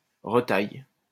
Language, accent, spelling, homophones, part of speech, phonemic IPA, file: French, France, retaille, retaillent / retailles, verb, /ʁə.taj/, LL-Q150 (fra)-retaille.wav
- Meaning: inflection of retailler: 1. first/third-person singular present indicative/subjunctive 2. second-person singular imperative